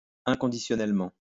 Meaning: unconditionally
- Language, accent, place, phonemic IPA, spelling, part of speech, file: French, France, Lyon, /ɛ̃.kɔ̃.di.sjɔ.nɛl.mɑ̃/, inconditionnellement, adverb, LL-Q150 (fra)-inconditionnellement.wav